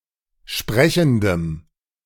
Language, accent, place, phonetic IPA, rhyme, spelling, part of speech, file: German, Germany, Berlin, [ˈʃpʁɛçn̩dəm], -ɛçn̩dəm, sprechendem, adjective, De-sprechendem.ogg
- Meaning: strong dative masculine/neuter singular of sprechend